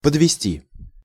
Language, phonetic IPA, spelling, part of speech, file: Russian, [pədvʲɪˈsʲtʲi], подвести, verb, Ru-подвести.ogg
- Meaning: 1. to lead (to) 2. to bring closer 3. to place (under) 4. to substantiate (with), to support (with), to account (for by) 5. to class, to group together, to present (as), to depict (as)